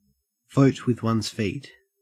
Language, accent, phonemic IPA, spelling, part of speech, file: English, Australia, /ˈvoʊt wɪð wʌnz ˈfiːt/, vote with one's feet, verb, En-au-vote with one's feet.ogg